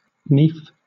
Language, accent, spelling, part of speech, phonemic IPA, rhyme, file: English, Southern England, nief, noun, /niːf/, -iːf, LL-Q1860 (eng)-nief.wav
- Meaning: 1. A serf or bondsman born into servitude 2. A clenched hand; fist 3. A handful or fistful 4. The handgrip of a sword or oar